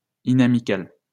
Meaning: unfriendly, inimical
- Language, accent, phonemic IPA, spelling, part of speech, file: French, France, /i.na.mi.kal/, inamical, adjective, LL-Q150 (fra)-inamical.wav